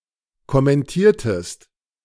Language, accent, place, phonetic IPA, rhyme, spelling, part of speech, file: German, Germany, Berlin, [kɔmɛnˈtiːɐ̯təst], -iːɐ̯təst, kommentiertest, verb, De-kommentiertest.ogg
- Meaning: inflection of kommentieren: 1. second-person singular preterite 2. second-person singular subjunctive II